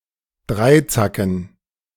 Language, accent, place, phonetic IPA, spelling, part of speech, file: German, Germany, Berlin, [ˈdʁaɪ̯ˌt͡sakn̩], Dreizacken, noun, De-Dreizacken.ogg
- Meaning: dative plural of Dreizack